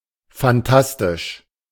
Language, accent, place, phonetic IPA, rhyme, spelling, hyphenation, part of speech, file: German, Germany, Berlin, [fanˈtastɪʃ], -astɪʃ, fantastisch, fan‧tas‧tisch, adjective, De-fantastisch.ogg
- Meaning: fantastic